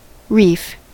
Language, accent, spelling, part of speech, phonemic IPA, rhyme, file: English, US, reef, noun / verb / adjective, /ɹiːf/, -iːf, En-us-reef.ogg
- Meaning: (noun) 1. A chain or range of rocks, sand, or coral lying at or near the surface of the water 2. A large vein of auriferous quartz; hence, any body of rock yielding valuable ore